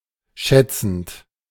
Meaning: present participle of schätzen
- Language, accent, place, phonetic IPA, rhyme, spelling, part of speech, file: German, Germany, Berlin, [ˈʃɛt͡sn̩t], -ɛt͡sn̩t, schätzend, verb, De-schätzend.ogg